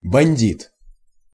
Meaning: bandit, gangster, brigand
- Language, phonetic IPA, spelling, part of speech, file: Russian, [bɐnʲˈdʲit], бандит, noun, Ru-бандит.ogg